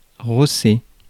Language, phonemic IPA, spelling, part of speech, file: French, /ʁɔ.se/, rosser, verb, Fr-rosser.ogg
- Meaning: 1. to beat 2. to hammer, to thrash, to defeat